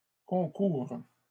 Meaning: first/third-person singular present subjunctive of concourir
- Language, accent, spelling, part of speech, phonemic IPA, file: French, Canada, concoure, verb, /kɔ̃.kuʁ/, LL-Q150 (fra)-concoure.wav